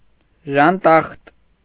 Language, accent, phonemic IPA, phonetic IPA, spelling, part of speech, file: Armenian, Eastern Armenian, /ʒɑnˈtɑχt/, [ʒɑntɑ́χt], ժանտախտ, noun, Hy-ժանտախտ.ogg
- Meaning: 1. plague 2. dangerous education, ideology, or doctrine 3. socially harmful situation or habit 4. used as a curse